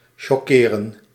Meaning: 1. to shock 2. to strike (e.g. with poverty)
- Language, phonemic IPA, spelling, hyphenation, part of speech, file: Dutch, /ˌʃɔˈkeːrə(n)/, choqueren, cho‧que‧ren, verb, Nl-choqueren.ogg